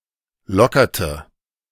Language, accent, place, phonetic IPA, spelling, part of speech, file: German, Germany, Berlin, [ˈlɔkɐtə], lockerte, verb, De-lockerte.ogg
- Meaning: inflection of lockern: 1. first/third-person singular preterite 2. first/third-person singular subjunctive II